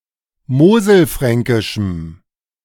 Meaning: strong dative masculine/neuter singular of moselfränkisch
- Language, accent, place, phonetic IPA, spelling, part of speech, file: German, Germany, Berlin, [ˈmoːzl̩ˌfʁɛŋkɪʃm̩], moselfränkischem, adjective, De-moselfränkischem.ogg